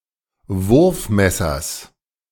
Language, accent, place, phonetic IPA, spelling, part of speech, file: German, Germany, Berlin, [ˈvʊʁfˌmɛsɐs], Wurfmessers, noun, De-Wurfmessers.ogg
- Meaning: genitive singular of Wurfmesser